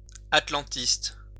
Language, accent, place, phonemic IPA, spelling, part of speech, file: French, France, Lyon, /at.lɑ̃.tist/, atlantiste, noun, LL-Q150 (fra)-atlantiste.wav
- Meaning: Atlanticist